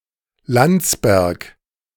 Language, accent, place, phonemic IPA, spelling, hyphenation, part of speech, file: German, Germany, Berlin, /ˈlant͡sbɛʁk/, Landsberg, Lands‧berg, proper noun, De-Landsberg.ogg
- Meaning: 1. a town in the Upper Bavaria region, Bavaria; official name: Landsberg am Lech 2. a rural district of the Upper Bavaria region, Bavaria; official name: Landkreis Landsberg am Lech